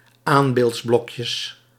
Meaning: plural of aanbeeldsblokje
- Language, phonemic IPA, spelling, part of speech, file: Dutch, /ˈambeltsˌblɔkjəs/, aanbeeldsblokjes, noun, Nl-aanbeeldsblokjes.ogg